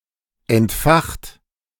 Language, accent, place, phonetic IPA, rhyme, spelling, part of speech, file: German, Germany, Berlin, [ɛntˈfaxtə], -axtə, entfachte, adjective / verb, De-entfachte.ogg
- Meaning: inflection of entfachen: 1. first/third-person singular preterite 2. first/third-person singular subjunctive II